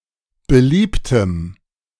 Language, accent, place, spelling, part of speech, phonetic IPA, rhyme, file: German, Germany, Berlin, beliebtem, adjective, [bəˈliːptəm], -iːptəm, De-beliebtem.ogg
- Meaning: strong dative masculine/neuter singular of beliebt